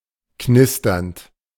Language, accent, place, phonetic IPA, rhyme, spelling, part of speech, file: German, Germany, Berlin, [ˈknɪstɐnt], -ɪstɐnt, knisternd, verb, De-knisternd.ogg
- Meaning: present participle of knistern